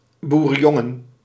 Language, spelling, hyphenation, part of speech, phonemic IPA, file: Dutch, boerenjongen, boe‧ren‧jon‧gen, noun, /ˌbu.rə(n)ˈjɔ.ŋə(n)/, Nl-boerenjongen.ogg
- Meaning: 1. farmboy, country boy 2. a farmer's boy, i.e. son 3. an alcoholic beverage with brandy and raisins 4. raisin drenched in brandy